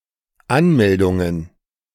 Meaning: plural of Anmeldung
- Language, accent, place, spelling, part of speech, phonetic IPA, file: German, Germany, Berlin, Anmeldungen, noun, [ˈanmɛldʊŋən], De-Anmeldungen.ogg